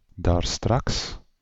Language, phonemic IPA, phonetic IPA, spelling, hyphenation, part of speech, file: Dutch, /daːrˈstrɑks/, [daːrˈstrɑks], daarstraks, daar‧straks, adverb, Nl-daarstraks.ogg
- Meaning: earlier today, a moment ago, a while ago